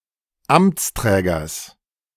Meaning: genitive singular of Amtsträger
- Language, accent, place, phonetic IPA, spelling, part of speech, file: German, Germany, Berlin, [ˈamt͡sˌtʁɛːɡɐs], Amtsträgers, noun, De-Amtsträgers.ogg